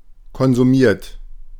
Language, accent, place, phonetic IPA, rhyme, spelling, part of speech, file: German, Germany, Berlin, [kɔnzuˈmiːɐ̯t], -iːɐ̯t, konsumiert, verb, De-konsumiert.ogg
- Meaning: 1. past participle of konsumieren 2. inflection of konsumieren: third-person singular present 3. inflection of konsumieren: second-person plural present 4. inflection of konsumieren: plural imperative